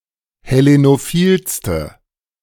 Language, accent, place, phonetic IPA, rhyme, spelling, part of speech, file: German, Germany, Berlin, [hɛˌlenoˈfiːlstə], -iːlstə, hellenophilste, adjective, De-hellenophilste.ogg
- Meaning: inflection of hellenophil: 1. strong/mixed nominative/accusative feminine singular superlative degree 2. strong nominative/accusative plural superlative degree